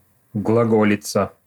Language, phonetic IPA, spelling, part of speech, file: Russian, [ɡɫɐˈɡolʲɪt͡sə], глаголица, noun, Ru-глаголица.ogg
- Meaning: Glagolitic alphabet